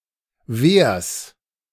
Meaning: genitive of Wehr
- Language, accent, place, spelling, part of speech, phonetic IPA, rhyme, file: German, Germany, Berlin, Wehrs, noun, [veːɐ̯s], -eːɐ̯s, De-Wehrs.ogg